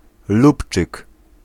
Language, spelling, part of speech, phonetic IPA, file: Polish, lubczyk, noun, [ˈlupt͡ʃɨk], Pl-lubczyk.ogg